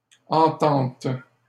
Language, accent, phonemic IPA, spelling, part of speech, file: French, Canada, /ɑ̃.tɑ̃t/, ententes, noun, LL-Q150 (fra)-ententes.wav
- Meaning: plural of entente